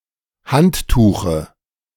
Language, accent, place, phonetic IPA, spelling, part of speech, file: German, Germany, Berlin, [ˈhantˌtuːxə], Handtuche, noun, De-Handtuche.ogg
- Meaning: dative singular of Handtuch